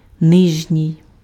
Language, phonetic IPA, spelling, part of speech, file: Ukrainian, [ˈnɪʒnʲii̯], нижній, adjective, Uk-нижній.ogg
- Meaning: inferior, lower